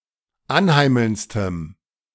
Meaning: strong dative masculine/neuter singular superlative degree of anheimelnd
- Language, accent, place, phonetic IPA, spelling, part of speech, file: German, Germany, Berlin, [ˈanˌhaɪ̯ml̩nt͡stəm], anheimelndstem, adjective, De-anheimelndstem.ogg